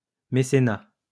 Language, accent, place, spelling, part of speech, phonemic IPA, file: French, France, Lyon, mécénat, noun, /me.se.na/, LL-Q150 (fra)-mécénat.wav
- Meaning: sponsorship, patronage